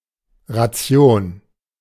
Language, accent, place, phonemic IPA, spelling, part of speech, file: German, Germany, Berlin, /ʁaˈtsjoːn/, Ration, noun, De-Ration.ogg
- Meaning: ration